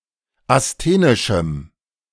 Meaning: strong dative masculine/neuter singular of asthenisch
- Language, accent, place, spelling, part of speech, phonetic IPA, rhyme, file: German, Germany, Berlin, asthenischem, adjective, [asˈteːnɪʃm̩], -eːnɪʃm̩, De-asthenischem.ogg